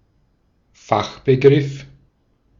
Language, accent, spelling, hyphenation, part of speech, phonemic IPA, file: German, Austria, Fachbegriff, Fach‧be‧griff, noun, /ˈfaxbəˌɡʁɪf/, De-at-Fachbegriff.ogg
- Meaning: technical term